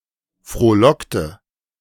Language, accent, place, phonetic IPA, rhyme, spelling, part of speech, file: German, Germany, Berlin, [fʁoːˈlɔktə], -ɔktə, frohlockte, verb, De-frohlockte.ogg
- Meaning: inflection of frohlocken: 1. first/third-person singular preterite 2. first/third-person singular subjunctive II